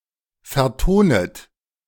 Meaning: second-person plural subjunctive I of vertonen
- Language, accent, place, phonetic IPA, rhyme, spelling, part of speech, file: German, Germany, Berlin, [fɛɐ̯ˈtoːnət], -oːnət, vertonet, verb, De-vertonet.ogg